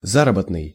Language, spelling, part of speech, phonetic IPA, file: Russian, заработный, adjective, [ˈzarəbətnɨj], Ru-заработный.ogg
- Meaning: wages, salary; earned